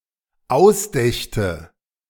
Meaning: first/third-person singular dependent subjunctive II of ausdenken
- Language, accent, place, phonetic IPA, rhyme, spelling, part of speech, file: German, Germany, Berlin, [ˈaʊ̯sˌdɛçtə], -aʊ̯sdɛçtə, ausdächte, verb, De-ausdächte.ogg